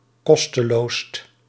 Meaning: superlative degree of kosteloos
- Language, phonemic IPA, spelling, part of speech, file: Dutch, /ˈkɔstəloːst/, kosteloost, adjective, Nl-kosteloost.ogg